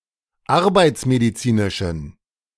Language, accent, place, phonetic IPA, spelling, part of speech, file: German, Germany, Berlin, [ˈaʁbaɪ̯t͡smediˌt͡siːnɪʃn̩], arbeitsmedizinischen, adjective, De-arbeitsmedizinischen.ogg
- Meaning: inflection of arbeitsmedizinisch: 1. strong genitive masculine/neuter singular 2. weak/mixed genitive/dative all-gender singular 3. strong/weak/mixed accusative masculine singular